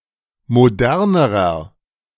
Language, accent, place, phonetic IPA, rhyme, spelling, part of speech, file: German, Germany, Berlin, [moˈdɛʁnəʁɐ], -ɛʁnəʁɐ, modernerer, adjective, De-modernerer.ogg
- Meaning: inflection of modern: 1. strong/mixed nominative masculine singular comparative degree 2. strong genitive/dative feminine singular comparative degree 3. strong genitive plural comparative degree